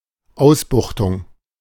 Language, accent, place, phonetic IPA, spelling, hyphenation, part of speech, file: German, Germany, Berlin, [ˈaʊ̯sbʊxtʊŋ], Ausbuchtung, Aus‧buch‧tung, noun, De-Ausbuchtung.ogg
- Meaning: 1. bulge 2. salient 3. recess